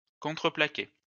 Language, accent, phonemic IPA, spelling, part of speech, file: French, France, /kɔ̃.tʁə.pla.ke/, contreplaqué, noun, LL-Q150 (fra)-contreplaqué.wav
- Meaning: plywood